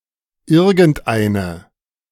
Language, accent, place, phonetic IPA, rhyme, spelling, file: German, Germany, Berlin, [ˈɪʁɡn̩tˈʔaɪ̯nə], -aɪ̯nə, irgendeine, De-irgendeine.ogg
- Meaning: feminine nominative/accusative singular of irgendein